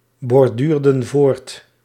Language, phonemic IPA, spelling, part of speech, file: Dutch, /bɔrˈdyrdə(n) ˈvort/, borduurden voort, verb, Nl-borduurden voort.ogg
- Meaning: inflection of voortborduren: 1. plural past indicative 2. plural past subjunctive